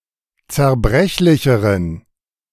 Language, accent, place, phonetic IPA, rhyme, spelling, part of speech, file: German, Germany, Berlin, [t͡sɛɐ̯ˈbʁɛçlɪçəʁən], -ɛçlɪçəʁən, zerbrechlicheren, adjective, De-zerbrechlicheren.ogg
- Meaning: inflection of zerbrechlich: 1. strong genitive masculine/neuter singular comparative degree 2. weak/mixed genitive/dative all-gender singular comparative degree